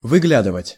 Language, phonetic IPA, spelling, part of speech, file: Russian, [vɨˈɡlʲadɨvətʲ], выглядывать, verb, Ru-выглядывать.ogg
- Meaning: 1. to look out, to peep out 2. to appear, to emerge, to come into view